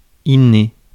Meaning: innate, inborn, congenital, inbred, native
- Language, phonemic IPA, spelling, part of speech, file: French, /i(n).ne/, inné, adjective, Fr-inné.ogg